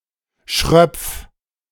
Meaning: 1. singular imperative of schröpfen 2. first-person singular present of schröpfen
- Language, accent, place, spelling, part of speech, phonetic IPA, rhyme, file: German, Germany, Berlin, schröpf, verb, [ʃʁœp͡f], -œp͡f, De-schröpf.ogg